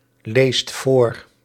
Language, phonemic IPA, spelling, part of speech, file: Dutch, /ˈlest ˈvor/, leest voor, verb, Nl-leest voor.ogg
- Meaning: inflection of voorlezen: 1. second/third-person singular present indicative 2. plural imperative